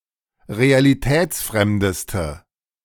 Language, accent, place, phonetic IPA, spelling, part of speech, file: German, Germany, Berlin, [ʁealiˈtɛːt͡sˌfʁɛmdəstə], realitätsfremdeste, adjective, De-realitätsfremdeste.ogg
- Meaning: inflection of realitätsfremd: 1. strong/mixed nominative/accusative feminine singular superlative degree 2. strong nominative/accusative plural superlative degree